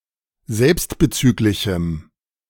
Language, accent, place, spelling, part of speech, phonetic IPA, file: German, Germany, Berlin, selbstbezüglichem, adjective, [ˈzɛlpstbəˌt͡syːklɪçm̩], De-selbstbezüglichem.ogg
- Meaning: strong dative masculine/neuter singular of selbstbezüglich